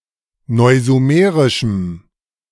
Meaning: strong dative masculine/neuter singular of neusumerisch
- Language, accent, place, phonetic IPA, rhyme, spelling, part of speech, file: German, Germany, Berlin, [ˌnɔɪ̯zuˈmeːʁɪʃm̩], -eːʁɪʃm̩, neusumerischem, adjective, De-neusumerischem.ogg